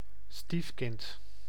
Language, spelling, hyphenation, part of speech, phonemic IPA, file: Dutch, stiefkind, stief‧kind, noun, /ˈstif.kɪnt/, Nl-stiefkind.ogg
- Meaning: 1. stepchild 2. someone or something that is not treated fairly (the diminutive form is often used)